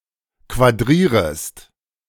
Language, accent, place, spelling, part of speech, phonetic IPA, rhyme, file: German, Germany, Berlin, quadrierest, verb, [kvaˈdʁiːʁəst], -iːʁəst, De-quadrierest.ogg
- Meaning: second-person singular subjunctive I of quadrieren